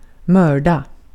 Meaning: to murder, (not specifically, but through being a form of murder – see also lönnmörda) to assassinate
- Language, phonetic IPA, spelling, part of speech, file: Swedish, [²mœ̞ːɖa], mörda, verb, Sv-mörda.ogg